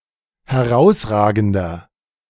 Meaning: inflection of herausragend: 1. strong/mixed nominative masculine singular 2. strong genitive/dative feminine singular 3. strong genitive plural
- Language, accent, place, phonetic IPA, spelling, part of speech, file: German, Germany, Berlin, [hɛˈʁaʊ̯sˌʁaːɡn̩dɐ], herausragender, adjective, De-herausragender.ogg